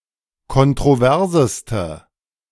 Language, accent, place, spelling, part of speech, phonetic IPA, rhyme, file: German, Germany, Berlin, kontroverseste, adjective, [kɔntʁoˈvɛʁzəstə], -ɛʁzəstə, De-kontroverseste.ogg
- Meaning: inflection of kontrovers: 1. strong/mixed nominative/accusative feminine singular superlative degree 2. strong nominative/accusative plural superlative degree